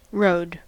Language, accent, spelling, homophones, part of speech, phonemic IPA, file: English, US, rode, Rhode / road, verb / noun, /ɹoʊd/, En-us-rode.ogg
- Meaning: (verb) 1. simple past of ride 2. past participle of ride 3. Of a male woodcock, to fly back and forth over the edge of a woodland while calling; to perform its, typically crepuscular, mating flight